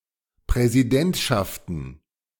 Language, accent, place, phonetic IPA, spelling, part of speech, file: German, Germany, Berlin, [pʁɛziˈdɛntʃaftn̩], Präsidentschaften, noun, De-Präsidentschaften.ogg
- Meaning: plural of Präsidentschaft